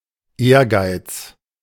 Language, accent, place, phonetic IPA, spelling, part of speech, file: German, Germany, Berlin, [ˈeːɐ̯ˌɡaɪ̯t͡s], Ehrgeiz, noun, De-Ehrgeiz.ogg
- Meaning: ambition